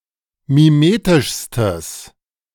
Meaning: strong/mixed nominative/accusative neuter singular superlative degree of mimetisch
- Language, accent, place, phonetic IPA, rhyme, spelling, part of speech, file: German, Germany, Berlin, [miˈmeːtɪʃstəs], -eːtɪʃstəs, mimetischstes, adjective, De-mimetischstes.ogg